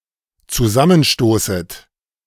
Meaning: second-person plural dependent subjunctive I of zusammenstoßen
- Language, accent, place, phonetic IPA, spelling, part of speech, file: German, Germany, Berlin, [t͡suˈzamənˌʃtoːsət], zusammenstoßet, verb, De-zusammenstoßet.ogg